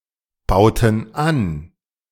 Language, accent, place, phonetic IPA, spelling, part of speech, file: German, Germany, Berlin, [ˌbaʊ̯tn̩ ˈan], bauten an, verb, De-bauten an.ogg
- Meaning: inflection of anbauen: 1. first/third-person plural preterite 2. first/third-person plural subjunctive II